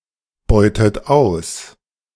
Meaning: inflection of ausbeuten: 1. second-person plural present 2. second-person plural subjunctive I 3. third-person singular present 4. plural imperative
- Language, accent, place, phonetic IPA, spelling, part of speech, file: German, Germany, Berlin, [ˌbɔɪ̯tət ˈaʊ̯s], beutet aus, verb, De-beutet aus.ogg